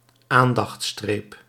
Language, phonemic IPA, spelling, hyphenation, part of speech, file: Dutch, /ˈaːn.dɑxtˌstreːp/, aandachtstreep, aan‧dacht‧streep, noun, Nl-aandachtstreep.ogg
- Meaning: alternative spelling of aandachtsstreep